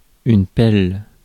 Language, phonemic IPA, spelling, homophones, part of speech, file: French, /pɛl/, pelle, pèle / pèlent / pèles / pelles, noun, Fr-pelle.ogg
- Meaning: 1. shovel, spade 2. dustpan 3. fluke (anchor blade) 4. French kiss